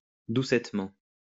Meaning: 1. softly 2. tenderly
- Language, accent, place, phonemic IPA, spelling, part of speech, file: French, France, Lyon, /du.sɛt.mɑ̃/, doucettement, adverb, LL-Q150 (fra)-doucettement.wav